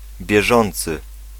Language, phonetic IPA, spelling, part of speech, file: Polish, [bʲjɛˈʒɔ̃nt͡sɨ], bieżący, verb / adjective, Pl-bieżący.ogg